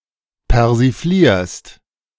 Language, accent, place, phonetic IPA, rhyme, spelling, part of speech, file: German, Germany, Berlin, [pɛʁziˈfliːɐ̯st], -iːɐ̯st, persiflierst, verb, De-persiflierst.ogg
- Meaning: second-person singular present of persiflieren